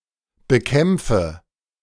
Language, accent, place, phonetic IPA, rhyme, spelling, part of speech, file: German, Germany, Berlin, [bəˈkɛmp͡fə], -ɛmp͡fə, bekämpfe, verb, De-bekämpfe.ogg
- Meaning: inflection of bekämpfen: 1. first-person singular present 2. first/third-person singular subjunctive I 3. singular imperative